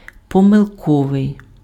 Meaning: erroneous, mistaken, wrong (containing errors or incorrect due to error)
- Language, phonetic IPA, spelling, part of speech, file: Ukrainian, [pɔmeɫˈkɔʋei̯], помилковий, adjective, Uk-помилковий.ogg